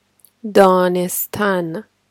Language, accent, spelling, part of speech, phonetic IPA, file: Persian, Iran, دانستن, verb, [d̪ɒː.nes.t̪ʰǽn], Danestan.ogg
- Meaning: 1. to know (something) 2. to come to know; to realize 3. to consider; to deem